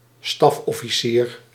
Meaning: staff officer
- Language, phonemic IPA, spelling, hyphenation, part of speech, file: Dutch, /ˈstɑf.ɔ.fiˌsiːr/, stafofficier, staf‧of‧fi‧cier, noun, Nl-stafofficier.ogg